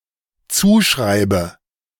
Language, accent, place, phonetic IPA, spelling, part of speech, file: German, Germany, Berlin, [ˈt͡suːˌʃʁaɪ̯bə], zuschreibe, verb, De-zuschreibe.ogg
- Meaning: inflection of zuschreiben: 1. first-person singular dependent present 2. first/third-person singular dependent subjunctive I